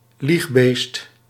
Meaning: liar
- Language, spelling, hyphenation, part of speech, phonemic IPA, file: Dutch, liegbeest, lieg‧beest, noun, /ˈlix.beːst/, Nl-liegbeest.ogg